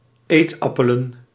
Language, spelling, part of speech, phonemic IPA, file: Dutch, eetappelen, noun, /ˈetɑpələ(n)/, Nl-eetappelen.ogg
- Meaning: plural of eetappel